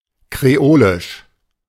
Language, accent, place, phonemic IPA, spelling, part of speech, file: German, Germany, Berlin, /kʁeˈoːlɪʃ/, kreolisch, adjective, De-kreolisch.ogg
- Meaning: creole, Creole